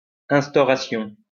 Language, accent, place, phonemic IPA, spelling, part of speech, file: French, France, Lyon, /ɛ̃s.tɔ.ʁa.sjɔ̃/, instauration, noun, LL-Q150 (fra)-instauration.wav
- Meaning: establishment (of a government, regime etc.)